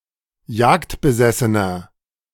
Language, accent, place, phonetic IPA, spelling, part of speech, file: German, Germany, Berlin, [ˈjaːktbəˌzɛsənɐ], jagdbesessener, adjective, De-jagdbesessener.ogg
- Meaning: inflection of jagdbesessen: 1. strong/mixed nominative masculine singular 2. strong genitive/dative feminine singular 3. strong genitive plural